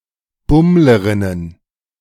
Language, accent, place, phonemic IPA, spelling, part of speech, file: German, Germany, Berlin, /ˈbʊmləʁɪnən/, Bummlerinnen, noun, De-Bummlerinnen.ogg
- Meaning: plural of Bummlerin